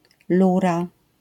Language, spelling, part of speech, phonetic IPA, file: Polish, lura, noun, [ˈlura], LL-Q809 (pol)-lura.wav